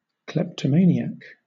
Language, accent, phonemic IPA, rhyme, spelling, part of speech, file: English, Southern England, /ˌklɛptəˈmeɪniæk/, -eɪniæk, kleptomaniac, noun, LL-Q1860 (eng)-kleptomaniac.wav
- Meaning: One who steals compulsively